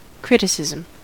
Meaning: 1. The act of criticising; a critical judgment passed or expressed 2. A critical observation or detailed examination and review
- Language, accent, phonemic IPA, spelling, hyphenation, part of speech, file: English, US, /ˈkɹɪtɪsɪzm̩/, criticism, crit‧i‧cism, noun, En-us-criticism.ogg